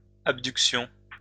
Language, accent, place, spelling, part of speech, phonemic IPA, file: French, France, Lyon, abductions, noun, /ab.dyk.sjɔ̃/, LL-Q150 (fra)-abductions.wav
- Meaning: plural of abduction